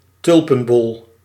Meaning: a tulip bulb
- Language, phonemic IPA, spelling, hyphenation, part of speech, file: Dutch, /ˈtʏl.pə(n)ˌbɔl/, tulpenbol, tul‧pen‧bol, noun, Nl-tulpenbol.ogg